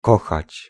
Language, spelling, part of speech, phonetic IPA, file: Polish, kochać, verb, [ˈkɔxat͡ɕ], Pl-kochać.ogg